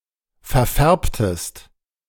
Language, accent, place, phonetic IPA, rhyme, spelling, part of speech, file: German, Germany, Berlin, [fɛɐ̯ˈfɛʁptəst], -ɛʁptəst, verfärbtest, verb, De-verfärbtest.ogg
- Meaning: inflection of verfärben: 1. second-person singular preterite 2. second-person singular subjunctive II